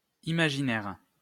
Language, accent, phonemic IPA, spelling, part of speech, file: French, France, /i.ma.ʒi.nɛʁ/, imaginaire, adjective / noun, LL-Q150 (fra)-imaginaire.wav
- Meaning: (adjective) 1. imaginary (created by and existing only in the imagination) 2. imaginary; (noun) 1. imagination 2. imaginary number